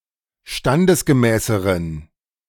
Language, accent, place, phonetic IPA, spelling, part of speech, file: German, Germany, Berlin, [ˈʃtandəsɡəˌmɛːsəʁən], standesgemäßeren, adjective, De-standesgemäßeren.ogg
- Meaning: inflection of standesgemäß: 1. strong genitive masculine/neuter singular comparative degree 2. weak/mixed genitive/dative all-gender singular comparative degree